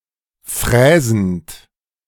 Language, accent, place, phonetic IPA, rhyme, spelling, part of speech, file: German, Germany, Berlin, [ˈfʁɛːzn̩t], -ɛːzn̩t, fräsend, verb, De-fräsend.ogg
- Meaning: present participle of fräsen